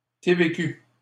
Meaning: QST (“Quebec sales tax”) initialism of taxe de vente du Québec
- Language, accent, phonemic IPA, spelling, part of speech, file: French, Canada, /te.ve.ky/, TVQ, noun, LL-Q150 (fra)-TVQ.wav